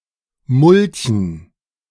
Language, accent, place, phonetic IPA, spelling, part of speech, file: German, Germany, Berlin, [ˈmʊlçn̩], mulchen, verb, De-mulchen.ogg
- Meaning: to mulch